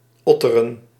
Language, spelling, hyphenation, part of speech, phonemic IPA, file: Dutch, otteren, ot‧te‧ren, verb, /ˈɔ.tə.rə(n)/, Nl-otteren.ogg
- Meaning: to work hard, to be busy